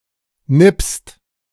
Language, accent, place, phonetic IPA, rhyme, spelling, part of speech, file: German, Germany, Berlin, [nɪpst], -ɪpst, nippst, verb, De-nippst.ogg
- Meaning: second-person singular present of nippen